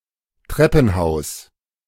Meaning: stairwell
- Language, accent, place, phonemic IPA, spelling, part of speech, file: German, Germany, Berlin, /ˈtʁɛpn̩ˌhaʊ̯s/, Treppenhaus, noun, De-Treppenhaus.ogg